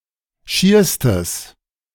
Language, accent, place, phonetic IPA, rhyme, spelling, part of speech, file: German, Germany, Berlin, [ˈʃiːɐ̯stəs], -iːɐ̯stəs, schierstes, adjective, De-schierstes.ogg
- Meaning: strong/mixed nominative/accusative neuter singular superlative degree of schier